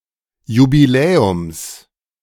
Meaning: genitive singular of Jubiläum
- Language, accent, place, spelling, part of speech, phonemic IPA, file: German, Germany, Berlin, Jubiläums, noun, /jubiˈlɛːʊms/, De-Jubiläums.ogg